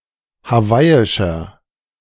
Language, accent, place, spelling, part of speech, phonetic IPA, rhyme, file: German, Germany, Berlin, hawaiischer, adjective, [haˈvaɪ̯ɪʃɐ], -aɪ̯ɪʃɐ, De-hawaiischer.ogg
- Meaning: 1. comparative degree of hawaiisch 2. inflection of hawaiisch: strong/mixed nominative masculine singular 3. inflection of hawaiisch: strong genitive/dative feminine singular